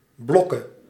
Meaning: singular present subjunctive of blokken
- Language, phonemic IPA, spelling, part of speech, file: Dutch, /ˈblɔkə/, blokke, verb, Nl-blokke.ogg